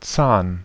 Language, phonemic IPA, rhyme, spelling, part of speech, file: German, /t͡saːn/, -aːn, Zahn, noun, De-Zahn.ogg
- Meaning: 1. tooth 2. fang 3. tusk 4. cog, tine